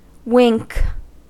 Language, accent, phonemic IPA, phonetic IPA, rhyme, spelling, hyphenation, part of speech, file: English, US, /ˈwɪŋk/, [ˈwɪŋk], -ɪŋk, wink, wink, verb / noun, En-us-wink.ogg
- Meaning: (verb) 1. To close one's eyes in sleep 2. To close one's eyes 3. Usually followed by at: to look the other way, to turn a blind eye 4. To close one's eyes quickly and involuntarily; to blink